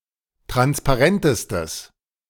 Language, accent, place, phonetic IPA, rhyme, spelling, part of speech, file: German, Germany, Berlin, [ˌtʁanspaˈʁɛntəstəs], -ɛntəstəs, transparentestes, adjective, De-transparentestes.ogg
- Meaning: strong/mixed nominative/accusative neuter singular superlative degree of transparent